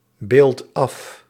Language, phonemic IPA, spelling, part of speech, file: Dutch, /ˈbelt ˈɑf/, beeldt af, verb, Nl-beeldt af.ogg
- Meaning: inflection of afbeelden: 1. second/third-person singular present indicative 2. plural imperative